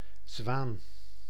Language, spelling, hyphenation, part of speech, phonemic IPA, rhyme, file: Dutch, zwaan, zwaan, noun, /zʋaːn/, -aːn, Nl-zwaan.ogg
- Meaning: a swan, a large waterbird of the genera Cygnus and Coscoroba